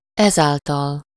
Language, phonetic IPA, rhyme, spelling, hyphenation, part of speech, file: Hungarian, [ˈɛzaːltɒl], -ɒl, ezáltal, ez‧ál‧tal, adverb, Hu-ezáltal.ogg
- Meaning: hereby (by this means, action or process)